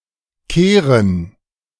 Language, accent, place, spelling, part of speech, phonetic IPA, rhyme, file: German, Germany, Berlin, Kehren, noun, [ˈkeːʁən], -eːʁən, De-Kehren.ogg
- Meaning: 1. plural of Kehre 2. dative plural of Kehr